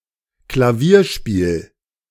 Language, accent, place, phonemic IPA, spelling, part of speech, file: German, Germany, Berlin, /klaˈviːɐ̯ˌʃpiːl/, Klavierspiel, noun, De-Klavierspiel.ogg
- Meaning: piano playing